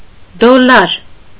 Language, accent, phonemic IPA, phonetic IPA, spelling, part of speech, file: Armenian, Eastern Armenian, /dolˈlɑɾ/, [dolːɑ́ɾ], դոլլար, noun, Hy-դոլլար.ogg
- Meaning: alternative form of դոլար (dolar)